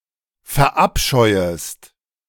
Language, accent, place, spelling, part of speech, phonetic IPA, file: German, Germany, Berlin, verabscheuest, verb, [fɛɐ̯ˈʔapʃɔɪ̯əst], De-verabscheuest.ogg
- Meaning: second-person singular subjunctive I of verabscheuen